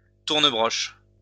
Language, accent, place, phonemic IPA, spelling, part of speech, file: French, France, Lyon, /tuʁ.nə.bʁɔʃ/, tournebroche, noun, LL-Q150 (fra)-tournebroche.wav
- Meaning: roasting spit, turnspit, roasting jack